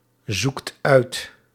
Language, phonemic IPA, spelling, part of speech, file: Dutch, /ˈzukt ˈœyt/, zoekt uit, verb, Nl-zoekt uit.ogg
- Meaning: inflection of uitzoeken: 1. second/third-person singular present indicative 2. plural imperative